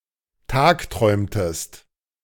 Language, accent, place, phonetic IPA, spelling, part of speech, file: German, Germany, Berlin, [ˈtaːkˌtʁɔɪ̯mtəst], tagträumtest, verb, De-tagträumtest.ogg
- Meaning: inflection of tagträumen: 1. second-person singular preterite 2. second-person singular subjunctive II